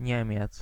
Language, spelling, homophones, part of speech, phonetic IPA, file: Polish, Niemiec, niemiec, noun, [ˈɲɛ̃mʲjɛt͡s], Pl-Niemiec.ogg